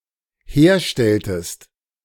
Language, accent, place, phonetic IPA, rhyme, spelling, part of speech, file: German, Germany, Berlin, [ˈheːɐ̯ˌʃtɛltəst], -eːɐ̯ʃtɛltəst, herstelltest, verb, De-herstelltest.ogg
- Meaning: inflection of herstellen: 1. second-person singular dependent preterite 2. second-person singular dependent subjunctive II